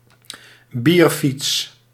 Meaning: a party bike, a beer bike; a pedal-powered road vehicle with a bar counter, multiple seats and a beer tap, so that the riders can drink while riding
- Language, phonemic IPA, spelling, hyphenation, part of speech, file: Dutch, /ˈbir.fits/, bierfiets, bier‧fiets, noun, Nl-bierfiets.ogg